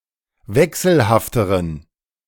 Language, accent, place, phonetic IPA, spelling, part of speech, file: German, Germany, Berlin, [ˈvɛksl̩haftəʁən], wechselhafteren, adjective, De-wechselhafteren.ogg
- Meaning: inflection of wechselhaft: 1. strong genitive masculine/neuter singular comparative degree 2. weak/mixed genitive/dative all-gender singular comparative degree